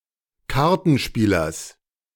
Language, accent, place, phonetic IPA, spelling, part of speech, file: German, Germany, Berlin, [ˈkaʁtn̩ˌʃpiːlɐs], Kartenspielers, noun, De-Kartenspielers.ogg
- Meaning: genitive of Kartenspieler